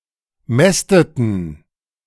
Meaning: inflection of mästen: 1. first/third-person plural preterite 2. first/third-person plural subjunctive II
- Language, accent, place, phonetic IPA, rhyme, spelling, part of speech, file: German, Germany, Berlin, [ˈmɛstətn̩], -ɛstətn̩, mästeten, verb, De-mästeten.ogg